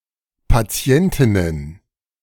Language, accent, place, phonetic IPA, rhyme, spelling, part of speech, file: German, Germany, Berlin, [paˈt͡si̯ɛntɪnən], -ɛntɪnən, Patientinnen, noun, De-Patientinnen.ogg
- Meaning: plural of Patientin